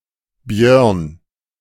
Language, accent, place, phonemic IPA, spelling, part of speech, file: German, Germany, Berlin, /bjœʁn/, Björn, proper noun, De-Björn.ogg
- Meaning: a male given name from Swedish